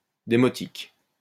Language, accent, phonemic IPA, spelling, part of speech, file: French, France, /de.mɔ.tik/, démotique, adjective, LL-Q150 (fra)-démotique.wav
- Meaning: demotic